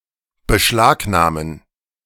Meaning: plural of Beschlagnahme
- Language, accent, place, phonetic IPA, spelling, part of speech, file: German, Germany, Berlin, [bəˈʃlaːkˌnaːmən], Beschlagnahmen, noun, De-Beschlagnahmen.ogg